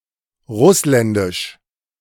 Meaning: Russian (from Russia)
- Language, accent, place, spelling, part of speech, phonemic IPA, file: German, Germany, Berlin, russländisch, adjective, /ˈʁʊslɛndɪʃ/, De-russländisch.ogg